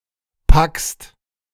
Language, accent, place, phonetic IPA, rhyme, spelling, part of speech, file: German, Germany, Berlin, [pakst], -akst, packst, verb, De-packst.ogg
- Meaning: second-person singular present of packen